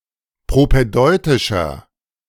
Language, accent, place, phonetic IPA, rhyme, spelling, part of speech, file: German, Germany, Berlin, [pʁopɛˈdɔɪ̯tɪʃɐ], -ɔɪ̯tɪʃɐ, propädeutischer, adjective, De-propädeutischer.ogg
- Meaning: 1. comparative degree of propädeutisch 2. inflection of propädeutisch: strong/mixed nominative masculine singular 3. inflection of propädeutisch: strong genitive/dative feminine singular